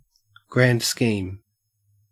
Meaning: 1. The totality of the situation approached objectively; the big picture 2. Used other than figuratively or idiomatically: see grand, scheme
- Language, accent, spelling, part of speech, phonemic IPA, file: English, Australia, grand scheme, noun, /ɡɹænd ˈskiːm/, En-au-grand scheme.ogg